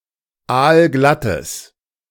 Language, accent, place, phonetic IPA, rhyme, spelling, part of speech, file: German, Germany, Berlin, [ˈaːlˈɡlatəs], -atəs, aalglattes, adjective, De-aalglattes.ogg
- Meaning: strong/mixed nominative/accusative neuter singular of aalglatt